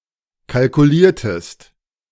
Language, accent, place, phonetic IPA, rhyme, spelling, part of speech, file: German, Germany, Berlin, [kalkuˈliːɐ̯təst], -iːɐ̯təst, kalkuliertest, verb, De-kalkuliertest.ogg
- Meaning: inflection of kalkulieren: 1. second-person singular preterite 2. second-person singular subjunctive II